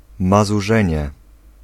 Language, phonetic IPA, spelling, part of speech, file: Polish, [ˌmazuˈʒɛ̃ɲɛ], mazurzenie, noun, Pl-mazurzenie.ogg